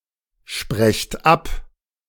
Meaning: second-person plural present of absprechen
- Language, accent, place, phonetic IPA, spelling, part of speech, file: German, Germany, Berlin, [ˌʃpʁɛçt ˈap], sprecht ab, verb, De-sprecht ab.ogg